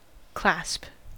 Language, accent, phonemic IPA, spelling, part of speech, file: English, US, /klæsp/, clasp, noun / verb, En-us-clasp.ogg
- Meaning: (noun) A device with interlocking parts used for fastening things together, such as a fastener or a holder